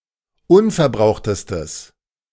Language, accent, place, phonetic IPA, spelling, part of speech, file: German, Germany, Berlin, [ˈʊnfɛɐ̯ˌbʁaʊ̯xtəstəs], unverbrauchtestes, adjective, De-unverbrauchtestes.ogg
- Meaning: strong/mixed nominative/accusative neuter singular superlative degree of unverbraucht